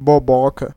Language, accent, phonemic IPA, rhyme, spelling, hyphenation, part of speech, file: Portuguese, Brazil, /boˈbɔ.kɐ/, -ɔkɐ, boboca, bo‧bo‧ca, adjective / noun, Pt-br-boboca.ogg
- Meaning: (adjective) idiotic, foolish; silly; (noun) idiot, foolish person